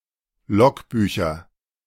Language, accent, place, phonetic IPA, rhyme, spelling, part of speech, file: German, Germany, Berlin, [ˈlɔkˌbyːçɐ], -ɔkbyːçɐ, Logbücher, noun, De-Logbücher.ogg
- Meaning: nominative/accusative/genitive plural of Logbuch